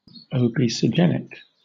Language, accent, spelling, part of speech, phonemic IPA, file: English, Southern England, obesogenic, adjective, /əʊbiːsəˈdʒɛnɪk/, LL-Q1860 (eng)-obesogenic.wav
- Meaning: Causing obesity